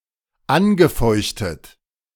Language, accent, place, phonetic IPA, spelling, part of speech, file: German, Germany, Berlin, [ˈanɡəˌfɔɪ̯çtət], angefeuchtet, verb, De-angefeuchtet.ogg
- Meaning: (verb) past participle of anfeuchten; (adjective) moistened, wetted